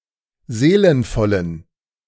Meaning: inflection of seelenvoll: 1. strong genitive masculine/neuter singular 2. weak/mixed genitive/dative all-gender singular 3. strong/weak/mixed accusative masculine singular 4. strong dative plural
- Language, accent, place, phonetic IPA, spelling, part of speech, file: German, Germany, Berlin, [ˈzeːlənfɔlən], seelenvollen, adjective, De-seelenvollen.ogg